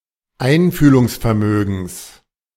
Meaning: genitive singular of Einfühlungsvermögen
- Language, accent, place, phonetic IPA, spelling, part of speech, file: German, Germany, Berlin, [ˈaɪ̯nfyːlʊŋsfɛɐ̯ˌmøːɡn̩s], Einfühlungsvermögens, noun, De-Einfühlungsvermögens.ogg